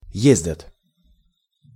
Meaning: third-person plural present indicative imperfective of е́здить (jézditʹ)
- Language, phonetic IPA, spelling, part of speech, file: Russian, [ˈjezʲdʲət], ездят, verb, Ru-ездят.ogg